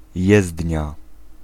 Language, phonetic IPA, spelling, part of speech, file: Polish, [ˈjɛzdʲɲa], jezdnia, noun, Pl-jezdnia.ogg